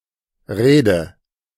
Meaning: inflection of reden: 1. first-person singular present 2. singular imperative 3. first/third-person singular subjunctive I
- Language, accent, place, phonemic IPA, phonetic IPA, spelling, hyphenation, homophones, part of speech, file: German, Germany, Berlin, /ˈreːdə/, [ˈʁeːdə], rede, re‧de, Rede / Reede, verb, De-rede.ogg